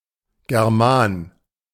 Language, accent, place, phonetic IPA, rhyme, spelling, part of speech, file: German, Germany, Berlin, [ɡɛʁˈmaːn], -aːn, German, noun, De-German.ogg
- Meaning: germane